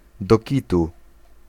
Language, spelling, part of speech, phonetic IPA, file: Polish, do kitu, adjectival phrase / adverbial phrase / interjection, [dɔ‿ˈcitu], Pl-do kitu.ogg